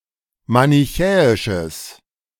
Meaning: strong/mixed nominative/accusative neuter singular of manichäisch
- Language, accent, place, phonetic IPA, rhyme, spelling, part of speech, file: German, Germany, Berlin, [manɪˈçɛːɪʃəs], -ɛːɪʃəs, manichäisches, adjective, De-manichäisches.ogg